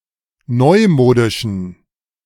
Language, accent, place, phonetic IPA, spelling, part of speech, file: German, Germany, Berlin, [ˈnɔɪ̯ˌmoːdɪʃn̩], neumodischen, adjective, De-neumodischen.ogg
- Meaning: inflection of neumodisch: 1. strong genitive masculine/neuter singular 2. weak/mixed genitive/dative all-gender singular 3. strong/weak/mixed accusative masculine singular 4. strong dative plural